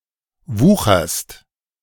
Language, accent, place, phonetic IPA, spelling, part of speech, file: German, Germany, Berlin, [ˈvuːxɐst], wucherst, verb, De-wucherst.ogg
- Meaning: second-person singular present of wuchern